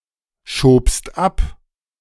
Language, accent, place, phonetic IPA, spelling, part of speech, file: German, Germany, Berlin, [ʃoːpst ˈap], schobst ab, verb, De-schobst ab.ogg
- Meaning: second-person singular preterite of abschieben